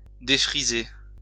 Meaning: 1. to remove curls (usually from hair) 2. to befuddle, to confuse, to flabbergast
- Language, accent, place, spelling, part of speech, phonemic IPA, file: French, France, Lyon, défriser, verb, /de.fʁi.ze/, LL-Q150 (fra)-défriser.wav